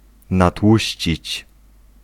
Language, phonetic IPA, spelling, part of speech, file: Polish, [naˈtwuɕt͡ɕit͡ɕ], natłuścić, verb, Pl-natłuścić.ogg